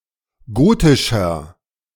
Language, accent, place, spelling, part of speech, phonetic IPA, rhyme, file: German, Germany, Berlin, gotischer, adjective, [ˈɡoːtɪʃɐ], -oːtɪʃɐ, De-gotischer.ogg
- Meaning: 1. comparative degree of gotisch 2. inflection of gotisch: strong/mixed nominative masculine singular 3. inflection of gotisch: strong genitive/dative feminine singular